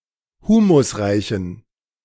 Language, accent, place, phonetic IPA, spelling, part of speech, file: German, Germany, Berlin, [ˈhuːmʊsˌʁaɪ̯çn̩], humusreichen, adjective, De-humusreichen.ogg
- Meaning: inflection of humusreich: 1. strong genitive masculine/neuter singular 2. weak/mixed genitive/dative all-gender singular 3. strong/weak/mixed accusative masculine singular 4. strong dative plural